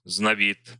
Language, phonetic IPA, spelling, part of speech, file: Russian, [znɐˈbʲit], знобит, verb, Ru-знобит.ogg
- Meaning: third-person singular present indicative imperfective of зноби́ть (znobítʹ)